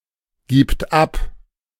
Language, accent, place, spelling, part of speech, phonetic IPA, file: German, Germany, Berlin, gibt ab, verb, [ɡiːpt ap], De-gibt ab.ogg
- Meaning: third-person singular present of abgeben